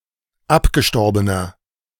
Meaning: inflection of abgestorben: 1. strong/mixed nominative masculine singular 2. strong genitive/dative feminine singular 3. strong genitive plural
- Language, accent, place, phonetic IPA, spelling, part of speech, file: German, Germany, Berlin, [ˈapɡəˌʃtɔʁbənɐ], abgestorbener, adjective, De-abgestorbener.ogg